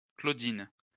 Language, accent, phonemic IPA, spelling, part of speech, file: French, France, /klo.din/, Claudine, proper noun, LL-Q150 (fra)-Claudine.wav
- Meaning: Claudine: a female given name